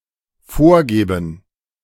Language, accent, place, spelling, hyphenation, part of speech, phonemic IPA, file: German, Germany, Berlin, vorgeben, vor‧ge‧ben, verb, /ˈfoːɐ̯ˌɡeːbn̩/, De-vorgeben.ogg
- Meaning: 1. to pretend 2. to purport, to allege, to profess, to claim 3. to dictate, to predefine